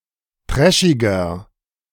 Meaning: 1. comparative degree of trashig 2. inflection of trashig: strong/mixed nominative masculine singular 3. inflection of trashig: strong genitive/dative feminine singular
- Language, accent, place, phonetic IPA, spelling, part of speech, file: German, Germany, Berlin, [ˈtʁɛʃɪɡɐ], trashiger, adjective, De-trashiger.ogg